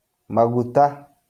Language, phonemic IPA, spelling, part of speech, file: Kikuyu, /màɣùtáꜜ/, maguta, noun, LL-Q33587 (kik)-maguta.wav
- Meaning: oil, fat